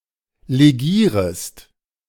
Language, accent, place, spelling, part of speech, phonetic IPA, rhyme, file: German, Germany, Berlin, legierest, verb, [leˈɡiːʁəst], -iːʁəst, De-legierest.ogg
- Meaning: second-person singular subjunctive I of legieren